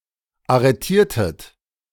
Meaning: inflection of arretieren: 1. second-person plural preterite 2. second-person plural subjunctive II
- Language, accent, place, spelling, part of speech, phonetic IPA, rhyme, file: German, Germany, Berlin, arretiertet, verb, [aʁəˈtiːɐ̯tət], -iːɐ̯tət, De-arretiertet.ogg